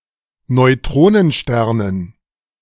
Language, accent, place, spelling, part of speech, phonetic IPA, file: German, Germany, Berlin, Neutronensternen, noun, [nɔɪ̯ˈtʁoːnənˌʃtɛʁnən], De-Neutronensternen.ogg
- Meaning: dative plural of Neutronenstern